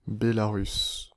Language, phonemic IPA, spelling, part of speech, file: French, /be.la.ʁys/, Bélarus, proper noun, Fr-Bélarus.ogg
- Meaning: Belarus (a country in Eastern Europe)